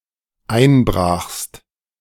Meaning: second-person singular dependent preterite of einbrechen
- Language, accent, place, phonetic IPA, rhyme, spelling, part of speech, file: German, Germany, Berlin, [ˈaɪ̯nˌbʁaːxst], -aɪ̯nbʁaːxst, einbrachst, verb, De-einbrachst.ogg